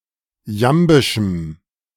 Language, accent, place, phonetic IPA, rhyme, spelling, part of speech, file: German, Germany, Berlin, [ˈjambɪʃm̩], -ambɪʃm̩, jambischem, adjective, De-jambischem.ogg
- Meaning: strong dative masculine/neuter singular of jambisch